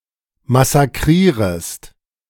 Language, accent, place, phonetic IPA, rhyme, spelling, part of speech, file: German, Germany, Berlin, [masaˈkʁiːʁəst], -iːʁəst, massakrierest, verb, De-massakrierest.ogg
- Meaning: second-person singular subjunctive I of massakrieren